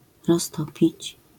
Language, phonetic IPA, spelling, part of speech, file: Polish, [rɔsˈtɔpʲit͡ɕ], roztopić, verb, LL-Q809 (pol)-roztopić.wav